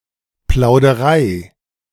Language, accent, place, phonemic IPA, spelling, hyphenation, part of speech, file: German, Germany, Berlin, /ˌplaʊ̯dəˈʁaɪ̯/, Plauderei, Plau‧de‧rei, noun, De-Plauderei.ogg
- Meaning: chit-chat